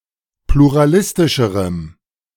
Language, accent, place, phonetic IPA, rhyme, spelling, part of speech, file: German, Germany, Berlin, [pluʁaˈlɪstɪʃəʁəm], -ɪstɪʃəʁəm, pluralistischerem, adjective, De-pluralistischerem.ogg
- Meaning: strong dative masculine/neuter singular comparative degree of pluralistisch